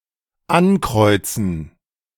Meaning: to cross, check, checkmark, tick off (mark with a cross)
- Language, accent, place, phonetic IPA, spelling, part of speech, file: German, Germany, Berlin, [ˈanˌkʁɔɪ̯t͡sn̩], ankreuzen, verb, De-ankreuzen.ogg